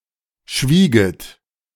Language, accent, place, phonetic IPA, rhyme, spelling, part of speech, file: German, Germany, Berlin, [ˈʃviːɡət], -iːɡət, schwieget, verb, De-schwieget.ogg
- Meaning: second-person plural subjunctive II of schweigen